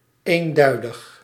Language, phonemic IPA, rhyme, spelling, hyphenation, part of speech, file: Dutch, /ˌeːnˈdœy̯.dəx/, -œy̯dəx, eenduidig, een‧dui‧dig, adjective, Nl-eenduidig.ogg
- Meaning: univocal (having only one possible meaning) , unambiguous